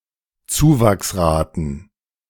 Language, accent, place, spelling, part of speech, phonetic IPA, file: German, Germany, Berlin, Zuwachsraten, noun, [ˈt͡suːvaksˌʁaːtn̩], De-Zuwachsraten.ogg
- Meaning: plural of Zuwachsrate